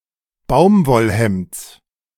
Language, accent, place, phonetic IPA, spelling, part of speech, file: German, Germany, Berlin, [ˈbaʊ̯mvɔlˌhɛmt͡s], Baumwollhemds, noun, De-Baumwollhemds.ogg
- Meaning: genitive singular of Baumwollhemd